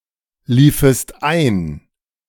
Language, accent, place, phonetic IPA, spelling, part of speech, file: German, Germany, Berlin, [ˌliːfəst ˈaɪ̯n], liefest ein, verb, De-liefest ein.ogg
- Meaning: second-person singular subjunctive II of einlaufen